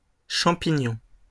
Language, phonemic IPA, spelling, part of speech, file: French, /ʃɑ̃.pi.ɲɔ̃/, champignons, noun, LL-Q150 (fra)-champignons.wav
- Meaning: plural of champignon